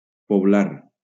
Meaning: to populate
- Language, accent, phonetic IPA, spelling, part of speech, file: Catalan, Valencia, [poˈblaɾ], poblar, verb, LL-Q7026 (cat)-poblar.wav